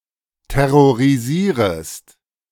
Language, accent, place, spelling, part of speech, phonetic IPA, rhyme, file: German, Germany, Berlin, terrorisierest, verb, [tɛʁoʁiˈziːʁəst], -iːʁəst, De-terrorisierest.ogg
- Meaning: second-person singular subjunctive I of terrorisieren